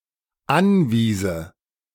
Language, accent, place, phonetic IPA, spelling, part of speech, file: German, Germany, Berlin, [ˈanˌviːzə], anwiese, verb, De-anwiese.ogg
- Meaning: first/third-person singular dependent subjunctive II of anweisen